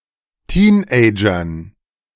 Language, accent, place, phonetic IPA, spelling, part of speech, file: German, Germany, Berlin, [ˈtiːnʔɛɪ̯d͡ʒɐn], Teenagern, noun, De-Teenagern.ogg
- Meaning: dative plural of Teenager